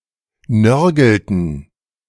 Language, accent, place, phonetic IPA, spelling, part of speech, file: German, Germany, Berlin, [ˈnœʁɡl̩tn̩], nörgelten, verb, De-nörgelten.ogg
- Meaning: inflection of nörgeln: 1. first/third-person plural preterite 2. first/third-person plural subjunctive II